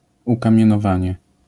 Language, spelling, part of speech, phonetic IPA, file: Polish, ukamienowanie, noun, [ˌukãmʲjɛ̃nɔˈvãɲɛ], LL-Q809 (pol)-ukamienowanie.wav